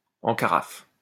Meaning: 1. broken, broken-down, out of order 2. high and dry, stranded 3. speechless
- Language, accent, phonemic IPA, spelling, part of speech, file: French, France, /ɑ̃ ka.ʁaf/, en carafe, adjective, LL-Q150 (fra)-en carafe.wav